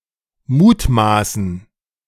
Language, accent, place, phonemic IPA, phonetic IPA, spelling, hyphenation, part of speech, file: German, Germany, Berlin, /ˈmuːtˌmaːsən/, [ˈmuːtˌmaːsn̩], mutmaßen, mut‧ma‧ßen, verb, De-mutmaßen.ogg
- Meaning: 1. to guess, to speculate 2. to speculate, to assume, to suspect (an explanation or claim)